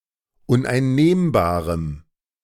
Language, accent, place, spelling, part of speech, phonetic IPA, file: German, Germany, Berlin, uneinnehmbarem, adjective, [ʊnʔaɪ̯nˈneːmbaːʁəm], De-uneinnehmbarem.ogg
- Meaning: strong dative masculine/neuter singular of uneinnehmbar